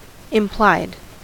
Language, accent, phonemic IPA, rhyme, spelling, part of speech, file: English, US, /ɪmˈplaɪd/, -aɪd, implied, adjective / verb, En-us-implied.ogg
- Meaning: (adjective) Suggested without being stated directly; implicated or hinted at; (verb) simple past and past participle of imply